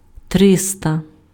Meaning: three hundred
- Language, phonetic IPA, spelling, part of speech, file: Ukrainian, [ˈtrɪstɐ], триста, numeral, Uk-триста.ogg